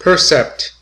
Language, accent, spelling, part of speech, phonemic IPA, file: English, US, percept, noun, /ˈpɝsɛpt/, En-us-percept.ogg
- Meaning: 1. Something perceived; the object of perception 2. A perceived object as it exists in the mind of someone perceiving it; the mental impression that is the result of perceiving something